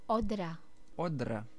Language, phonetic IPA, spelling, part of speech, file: Czech, [ˈodra], Odra, proper noun, Cs-Odra.ogg
- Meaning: the Oder, a river of central Europe that flows from the Czech Republic through Poland and Germany to the Baltic Sea